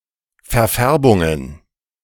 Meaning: plural of Verfärbung
- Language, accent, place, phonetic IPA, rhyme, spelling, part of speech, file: German, Germany, Berlin, [fɛɐ̯ˈfɛʁbʊŋən], -ɛʁbʊŋən, Verfärbungen, noun, De-Verfärbungen.ogg